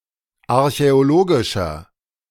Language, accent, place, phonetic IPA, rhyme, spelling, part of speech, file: German, Germany, Berlin, [aʁçɛoˈloːɡɪʃɐ], -oːɡɪʃɐ, archäologischer, adjective, De-archäologischer.ogg
- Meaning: inflection of archäologisch: 1. strong/mixed nominative masculine singular 2. strong genitive/dative feminine singular 3. strong genitive plural